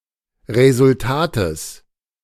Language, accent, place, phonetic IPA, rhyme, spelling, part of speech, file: German, Germany, Berlin, [ˌʁezʊlˈtaːtəs], -aːtəs, Resultates, noun, De-Resultates.ogg
- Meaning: genitive of Resultat